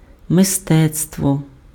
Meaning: art
- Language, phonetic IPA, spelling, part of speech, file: Ukrainian, [meˈstɛt͡stwɔ], мистецтво, noun, Uk-мистецтво.ogg